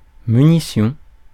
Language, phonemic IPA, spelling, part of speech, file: French, /my.ni.sjɔ̃/, munition, noun, Fr-munition.ogg
- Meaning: ammunition (weaponry)